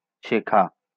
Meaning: to learn
- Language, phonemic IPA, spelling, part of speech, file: Bengali, /ʃekʰa/, শেখা, verb, LL-Q9610 (ben)-শেখা.wav